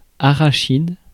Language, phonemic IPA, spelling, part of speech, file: French, /a.ʁa.ʃid/, arachide, noun, Fr-arachide.ogg
- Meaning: groundnut, peanut, goober (Arachis hypogaea)